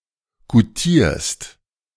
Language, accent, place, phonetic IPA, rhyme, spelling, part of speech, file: German, Germany, Berlin, [ɡuˈtiːɐ̯st], -iːɐ̯st, goutierst, verb, De-goutierst.ogg
- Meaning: second-person singular present of goutieren